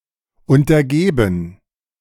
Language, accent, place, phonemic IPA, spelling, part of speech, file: German, Germany, Berlin, /ʊntɐˈɡeːbən/, untergeben, adjective, De-untergeben.ogg
- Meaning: subordinate